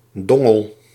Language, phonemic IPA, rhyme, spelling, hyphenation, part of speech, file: Dutch, /ˈdɔ.ŋəl/, -ɔŋəl, dongel, don‧gel, noun, Nl-dongel.ogg
- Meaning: dongle